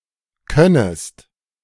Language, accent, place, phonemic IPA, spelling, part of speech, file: German, Germany, Berlin, /ˈkœnəst/, könnest, verb, De-könnest.ogg
- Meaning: second-person singular subjunctive I of können